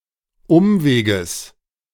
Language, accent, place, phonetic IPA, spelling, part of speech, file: German, Germany, Berlin, [ˈʊmveːɡəs], Umweges, noun, De-Umweges.ogg
- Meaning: genitive singular of Umweg